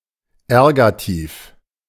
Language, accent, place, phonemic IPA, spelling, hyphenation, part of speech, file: German, Germany, Berlin, /ˈɛʁɡatiːf/, Ergativ, Er‧ga‧tiv, noun, De-Ergativ.ogg
- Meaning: ergative case